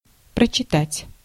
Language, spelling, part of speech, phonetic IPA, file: Russian, прочитать, verb, [prət͡ɕɪˈtatʲ], Ru-прочитать.ogg
- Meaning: 1. to read, to read through 2. to recite